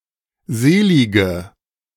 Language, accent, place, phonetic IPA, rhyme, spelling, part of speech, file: German, Germany, Berlin, [ˈzeːˌlɪɡə], -eːlɪɡə, selige, adjective, De-selige.ogg
- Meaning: inflection of selig: 1. strong/mixed nominative/accusative feminine singular 2. strong nominative/accusative plural 3. weak nominative all-gender singular 4. weak accusative feminine/neuter singular